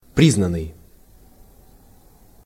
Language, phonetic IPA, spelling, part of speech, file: Russian, [ˈprʲiznən(ː)ɨj], признанный, verb / adjective, Ru-признанный.ogg
- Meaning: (verb) past passive perfective participle of призна́ть (priznátʹ); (adjective) acknowledged, recognized, avowed